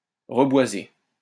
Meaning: to reforest
- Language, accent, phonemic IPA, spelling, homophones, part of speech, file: French, France, /ʁə.bwa.ze/, reboiser, reboisai / reboisé / reboisée / reboisées / reboisés / reboisez, verb, LL-Q150 (fra)-reboiser.wav